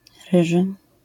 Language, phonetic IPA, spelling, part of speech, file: Polish, [ˈrɨʒɨ], ryży, adjective / noun, LL-Q809 (pol)-ryży.wav